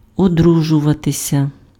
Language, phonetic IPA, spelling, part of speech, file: Ukrainian, [oˈdruʒʊʋɐtesʲɐ], одружуватися, verb, Uk-одружуватися.ogg
- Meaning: to get married, to marry